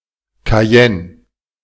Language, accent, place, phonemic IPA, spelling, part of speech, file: German, Germany, Berlin, /kaˈjɛn/, Cayenne, proper noun, De-Cayenne.ogg
- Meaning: Cayenne (the capital city of French Guiana department, France)